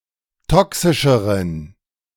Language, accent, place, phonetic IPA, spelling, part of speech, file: German, Germany, Berlin, [ˈtɔksɪʃəʁən], toxischeren, adjective, De-toxischeren.ogg
- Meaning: inflection of toxisch: 1. strong genitive masculine/neuter singular comparative degree 2. weak/mixed genitive/dative all-gender singular comparative degree